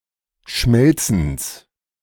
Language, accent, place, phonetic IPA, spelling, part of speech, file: German, Germany, Berlin, [ˈʃmɛlt͡sn̩s], Schmelzens, noun, De-Schmelzens.ogg
- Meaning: genitive of Schmelzen